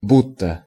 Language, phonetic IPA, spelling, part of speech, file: Russian, [ˈbutːə], будто, conjunction, Ru-будто.ogg
- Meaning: 1. as if, as though 2. allegedly, apparently, that (with some uncertainty)